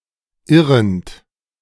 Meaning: present participle of irren
- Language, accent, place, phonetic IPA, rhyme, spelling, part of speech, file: German, Germany, Berlin, [ˈɪʁənt], -ɪʁənt, irrend, verb, De-irrend.ogg